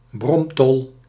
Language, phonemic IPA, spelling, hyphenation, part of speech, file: Dutch, /ˈbrɔm.tɔl/, bromtol, brom‧tol, noun, Nl-bromtol.ogg
- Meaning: a humming top, a top that produces a humming sound when spinning